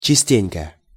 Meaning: often
- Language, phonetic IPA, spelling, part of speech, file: Russian, [t͡ɕɪˈsʲtʲenʲkə], частенько, adverb, Ru-частенько.ogg